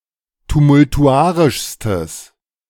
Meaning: strong/mixed nominative/accusative neuter singular superlative degree of tumultuarisch
- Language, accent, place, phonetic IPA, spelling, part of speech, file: German, Germany, Berlin, [tumʊltuˈʔaʁɪʃstəs], tumultuarischstes, adjective, De-tumultuarischstes.ogg